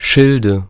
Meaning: nominative/accusative/genitive plural of Schild
- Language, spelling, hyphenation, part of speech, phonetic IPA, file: German, Schilde, Schil‧de, noun, [ˈʃɪldə], De-Schilde.ogg